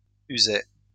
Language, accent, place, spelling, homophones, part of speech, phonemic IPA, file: French, France, Lyon, usai, usé / usée / usées / user / usés / usez, verb, /y.ze/, LL-Q150 (fra)-usai.wav
- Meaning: first-person singular past historic of user